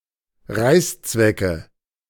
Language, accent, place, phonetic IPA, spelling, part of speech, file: German, Germany, Berlin, [ˈʁaɪ̯st͡svɛkə], Reißzwecke, noun, De-Reißzwecke.ogg
- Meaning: thumbtack (US), drawing pin (UK)